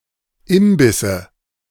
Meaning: nominative/accusative/genitive plural of Imbiss
- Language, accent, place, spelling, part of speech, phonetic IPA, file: German, Germany, Berlin, Imbisse, noun, [ˈɪmbɪsə], De-Imbisse.ogg